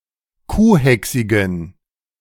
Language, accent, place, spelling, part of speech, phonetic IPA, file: German, Germany, Berlin, kuhhächsigen, adjective, [ˈkuːˌhɛksɪɡn̩], De-kuhhächsigen.ogg
- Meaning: inflection of kuhhächsig: 1. strong genitive masculine/neuter singular 2. weak/mixed genitive/dative all-gender singular 3. strong/weak/mixed accusative masculine singular 4. strong dative plural